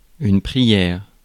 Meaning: prayer
- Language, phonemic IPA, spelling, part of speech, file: French, /pʁi.jɛʁ/, prière, noun, Fr-prière.ogg